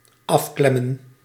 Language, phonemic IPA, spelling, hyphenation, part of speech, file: Dutch, /ˈɑfklɛmə(n)/, afklemmen, af‧klem‧men, verb, Nl-afklemmen.ogg
- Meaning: to catch, fasten